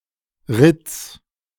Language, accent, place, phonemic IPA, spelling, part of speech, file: German, Germany, Berlin, /ʁɪt͡s/, Ritz, noun, De-Ritz.ogg
- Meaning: rip, tear, scratch